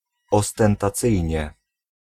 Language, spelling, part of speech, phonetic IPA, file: Polish, ostentacyjnie, adverb, [ˌɔstɛ̃ntaˈt͡sɨjɲɛ], Pl-ostentacyjnie.ogg